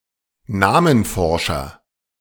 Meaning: onomastician
- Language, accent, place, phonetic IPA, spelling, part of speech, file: German, Germany, Berlin, [ˈnaːmənˌfɔʁʃɐ], Namenforscher, noun, De-Namenforscher.ogg